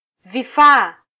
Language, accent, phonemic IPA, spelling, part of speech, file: Swahili, Kenya, /viˈfɑː/, vifaa, noun, Sw-ke-vifaa.flac
- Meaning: plural of kifaa